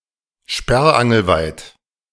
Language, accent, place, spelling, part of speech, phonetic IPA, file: German, Germany, Berlin, sperrangelweit, adverb, [ˈʃpɛʁʔanɡl̩ˌvaɪ̯t], De-sperrangelweit.ogg
- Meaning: wide, as widely as possible (of the opening or openness of a door or window)